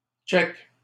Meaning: fist bump
- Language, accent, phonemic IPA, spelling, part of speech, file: French, Canada, /tʃɛk/, check, noun, LL-Q150 (fra)-check.wav